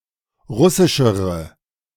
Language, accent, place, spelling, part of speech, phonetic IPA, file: German, Germany, Berlin, russischere, adjective, [ˈʁʊsɪʃəʁə], De-russischere.ogg
- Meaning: inflection of russisch: 1. strong/mixed nominative/accusative feminine singular comparative degree 2. strong nominative/accusative plural comparative degree